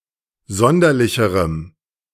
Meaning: strong dative masculine/neuter singular comparative degree of sonderlich
- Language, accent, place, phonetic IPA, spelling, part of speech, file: German, Germany, Berlin, [ˈzɔndɐlɪçəʁəm], sonderlicherem, adjective, De-sonderlicherem.ogg